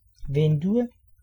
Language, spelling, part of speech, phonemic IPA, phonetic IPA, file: Danish, vindue, noun, /vendu/, [ˈvend̥u], Da-vindue.ogg
- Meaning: window